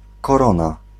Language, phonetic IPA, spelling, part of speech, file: Polish, [kɔˈrɔ̃na], korona, noun, Pl-korona.ogg